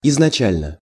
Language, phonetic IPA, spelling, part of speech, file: Russian, [ɪznɐˈt͡ɕælʲnə], изначально, adverb / adjective, Ru-изначально.ogg
- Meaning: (adverb) initially, originally, at first, first (at the beginning); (adjective) short neuter singular of изнача́льный (iznačálʹnyj)